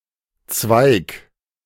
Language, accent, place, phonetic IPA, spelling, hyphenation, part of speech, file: German, Germany, Berlin, [t͡sʋaɪ̯k], Zweig, Zweig, noun, De-Zweig.ogg
- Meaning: 1. branch, twig 2. branch; section